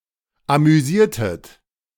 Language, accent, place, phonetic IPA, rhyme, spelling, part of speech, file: German, Germany, Berlin, [amyˈziːɐ̯tət], -iːɐ̯tət, amüsiertet, verb, De-amüsiertet.ogg
- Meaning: inflection of amüsieren: 1. second-person plural preterite 2. second-person plural subjunctive II